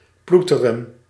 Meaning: 1. to toil, to drudge 2. to hustle
- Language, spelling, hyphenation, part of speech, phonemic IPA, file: Dutch, ploeteren, ploe‧te‧ren, verb, /ˈplu.tə.rə(n)/, Nl-ploeteren.ogg